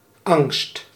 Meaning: fear, fright, anxiety
- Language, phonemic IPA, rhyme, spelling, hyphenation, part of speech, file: Dutch, /ɑŋst/, -ɑŋst, angst, angst, noun, Nl-angst.ogg